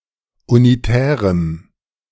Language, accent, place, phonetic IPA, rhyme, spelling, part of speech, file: German, Germany, Berlin, [uniˈtɛːʁəm], -ɛːʁəm, unitärem, adjective, De-unitärem.ogg
- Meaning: strong dative masculine/neuter singular of unitär